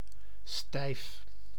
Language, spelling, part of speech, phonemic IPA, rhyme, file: Dutch, stijf, adjective / verb, /stɛi̯f/, -ɛi̯f, Nl-stijf.ogg
- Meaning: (adjective) 1. stiff, rigid 2. formalistic, posh; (verb) inflection of stijven: 1. first-person singular present indicative 2. second-person singular present indicative 3. imperative